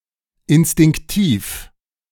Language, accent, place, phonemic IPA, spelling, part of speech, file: German, Germany, Berlin, /ɪnstɪŋkˈtiːf/, instinktiv, adjective, De-instinktiv.ogg
- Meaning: instinctive